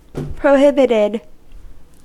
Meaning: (adjective) Forbidden; banned; unallowed; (verb) simple past and past participle of prohibit
- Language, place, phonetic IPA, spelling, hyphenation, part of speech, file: English, California, [pɹoʊˈhɪbɪɾɪd], prohibited, pro‧hib‧it‧ed, adjective / verb, En-us-prohibited.ogg